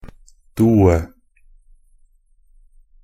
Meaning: only used in a due (“indicating two musicians or sections play together”)
- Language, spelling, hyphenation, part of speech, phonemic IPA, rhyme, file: Norwegian Bokmål, due, du‧e, adverb, /ˈduːə/, -uːə, NB - Pronunciation of Norwegian Bokmål «due».ogg